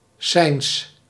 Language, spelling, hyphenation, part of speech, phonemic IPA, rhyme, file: Dutch, cijns, cijns, noun, /sɛi̯ns/, -ɛi̯ns, Nl-cijns.ogg
- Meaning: feudal tax paid to a master or landowner